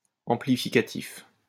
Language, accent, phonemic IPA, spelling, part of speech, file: French, France, /ɑ̃.pli.fi.ka.tif/, amplificatif, adjective, LL-Q150 (fra)-amplificatif.wav
- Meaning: amplificatory, amplificative